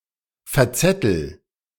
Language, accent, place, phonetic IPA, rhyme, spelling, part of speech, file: German, Germany, Berlin, [fɛɐ̯ˈt͡sɛtl̩], -ɛtl̩, verzettel, verb, De-verzettel.ogg
- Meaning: inflection of verzetteln: 1. first-person singular present 2. singular imperative